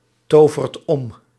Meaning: inflection of omtoveren: 1. second/third-person singular present indicative 2. plural imperative
- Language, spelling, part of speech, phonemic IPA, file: Dutch, tovert om, verb, /ˈtovərt ˈɔm/, Nl-tovert om.ogg